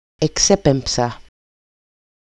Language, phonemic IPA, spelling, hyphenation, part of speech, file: Greek, /eˈkse.pem.psa/, εξέπεμψα, ε‧ξέ‧πεμ‧ψα, verb, EL-εξέπεμψα.ogg
- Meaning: first-person singular simple past of εκπέμπω (ekpémpo)